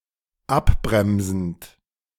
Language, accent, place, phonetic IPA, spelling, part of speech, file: German, Germany, Berlin, [ˈapˌbʁɛmzn̩t], abbremsend, verb, De-abbremsend.ogg
- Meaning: present participle of abbremsen